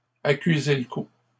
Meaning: to be visibly shaken, to be visibly affected
- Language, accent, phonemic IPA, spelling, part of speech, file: French, Canada, /a.ky.ze l(ə) ku/, accuser le coup, verb, LL-Q150 (fra)-accuser le coup.wav